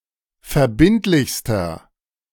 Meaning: inflection of verbindlich: 1. strong/mixed nominative masculine singular superlative degree 2. strong genitive/dative feminine singular superlative degree 3. strong genitive plural superlative degree
- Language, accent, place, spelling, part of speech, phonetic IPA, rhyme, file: German, Germany, Berlin, verbindlichster, adjective, [fɛɐ̯ˈbɪntlɪçstɐ], -ɪntlɪçstɐ, De-verbindlichster.ogg